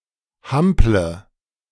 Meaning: inflection of hampeln: 1. first-person singular present 2. first/third-person singular subjunctive I 3. singular imperative
- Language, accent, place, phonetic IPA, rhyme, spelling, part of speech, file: German, Germany, Berlin, [ˈhamplə], -amplə, hample, verb, De-hample.ogg